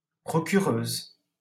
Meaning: female equivalent of procureur
- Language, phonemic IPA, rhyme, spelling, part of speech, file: French, /pʁɔ.ky.ʁøz/, -øz, procureuse, noun, LL-Q150 (fra)-procureuse.wav